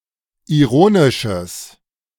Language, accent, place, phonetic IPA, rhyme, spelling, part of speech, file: German, Germany, Berlin, [iˈʁoːnɪʃəs], -oːnɪʃəs, ironisches, adjective, De-ironisches.ogg
- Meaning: strong/mixed nominative/accusative neuter singular of ironisch